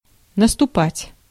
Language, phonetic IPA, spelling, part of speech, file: Russian, [nəstʊˈpatʲ], наступать, verb, Ru-наступать.ogg
- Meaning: 1. to tread, to step on 2. to come, to begin, to set in 3. to attack, to advance, to be on the offensive